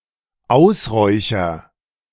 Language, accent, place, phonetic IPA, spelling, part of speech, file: German, Germany, Berlin, [ˈaʊ̯sˌʁɔɪ̯çɐ], ausräucher, verb, De-ausräucher.ogg
- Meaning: first-person singular dependent present of ausräuchern